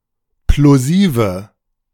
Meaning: inflection of plosiv: 1. strong/mixed nominative/accusative feminine singular 2. strong nominative/accusative plural 3. weak nominative all-gender singular 4. weak accusative feminine/neuter singular
- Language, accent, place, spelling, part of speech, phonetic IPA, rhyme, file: German, Germany, Berlin, plosive, adjective, [ploˈziːvə], -iːvə, De-plosive.ogg